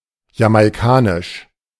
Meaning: of Jamaica; Jamaican
- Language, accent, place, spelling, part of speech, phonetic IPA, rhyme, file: German, Germany, Berlin, jamaikanisch, adjective, [jamaɪ̯ˈkaːnɪʃ], -aːnɪʃ, De-jamaikanisch.ogg